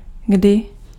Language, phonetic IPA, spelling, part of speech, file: Czech, [ˈɡdɪ], kdy, adverb / conjunction, Cs-kdy.ogg
- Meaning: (adverb) when; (conjunction) when (at what time)